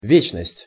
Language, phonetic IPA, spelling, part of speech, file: Russian, [ˈvʲet͡ɕnəsʲtʲ], вечность, noun, Ru-вечность.ogg
- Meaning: eternity